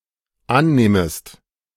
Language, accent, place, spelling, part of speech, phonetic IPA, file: German, Germany, Berlin, annehmest, verb, [ˈanˌneːməst], De-annehmest.ogg
- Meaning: second-person singular dependent subjunctive I of annehmen